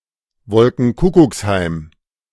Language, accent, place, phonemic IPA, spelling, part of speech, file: German, Germany, Berlin, /ˈvɔlkŋ̩ˈkʊkʊksˌhaɪ̯m/, Wolkenkuckucksheim, noun, De-Wolkenkuckucksheim.ogg
- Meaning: cloud-cuckoo-land